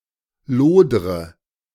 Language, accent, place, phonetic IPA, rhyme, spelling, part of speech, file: German, Germany, Berlin, [ˈloːdʁə], -oːdʁə, lodre, verb, De-lodre.ogg
- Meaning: inflection of lodern: 1. first-person singular present 2. first/third-person singular subjunctive I 3. singular imperative